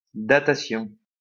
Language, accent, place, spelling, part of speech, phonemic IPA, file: French, France, Lyon, datation, noun, /da.ta.sjɔ̃/, LL-Q150 (fra)-datation.wav
- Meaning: dating (action of determining the date of something)